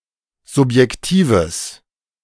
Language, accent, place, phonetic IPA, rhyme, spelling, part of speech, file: German, Germany, Berlin, [zʊpjɛkˈtiːvəs], -iːvəs, subjektives, adjective, De-subjektives.ogg
- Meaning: strong/mixed nominative/accusative neuter singular of subjektiv